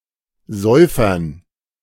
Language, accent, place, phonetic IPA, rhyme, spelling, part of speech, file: German, Germany, Berlin, [ˈzɔɪ̯fɐn], -ɔɪ̯fɐn, Säufern, noun, De-Säufern.ogg
- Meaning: dative plural of Säufer